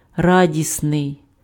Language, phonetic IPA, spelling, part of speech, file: Ukrainian, [ˈradʲisnei̯], радісний, adjective, Uk-радісний.ogg
- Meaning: 1. happy, glad 2. joyful